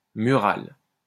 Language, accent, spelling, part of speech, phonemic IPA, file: French, France, mural, adjective, /my.ʁal/, LL-Q150 (fra)-mural.wav
- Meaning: mural